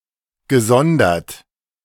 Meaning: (verb) past participle of sondern; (adjective) separate, separated; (adverb) separately
- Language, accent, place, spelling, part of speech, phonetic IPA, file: German, Germany, Berlin, gesondert, verb, [ɡəˈzɔndɐt], De-gesondert.ogg